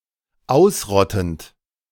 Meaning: present participle of ausrotten
- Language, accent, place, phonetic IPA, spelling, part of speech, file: German, Germany, Berlin, [ˈaʊ̯sˌʁɔtn̩t], ausrottend, verb, De-ausrottend.ogg